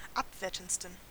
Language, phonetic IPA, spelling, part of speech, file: German, [ˈapˌveːɐ̯tn̩t͡stən], abwertendsten, adjective, De-abwertendsten.ogg
- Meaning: 1. superlative degree of abwertend 2. inflection of abwertend: strong genitive masculine/neuter singular superlative degree